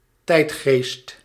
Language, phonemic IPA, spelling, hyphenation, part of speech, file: Dutch, /ˈtɛi̯t.xeːst/, tijdgeest, tijd‧geest, noun, Nl-tijdgeest.ogg
- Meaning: the intellectual and spiritual trend or way of thinking in a society at a given time or age; zeitgeist